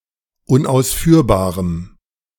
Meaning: strong dative masculine/neuter singular of unausführbar
- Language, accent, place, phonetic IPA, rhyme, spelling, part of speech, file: German, Germany, Berlin, [ʊnʔaʊ̯sˈfyːɐ̯baːʁəm], -yːɐ̯baːʁəm, unausführbarem, adjective, De-unausführbarem.ogg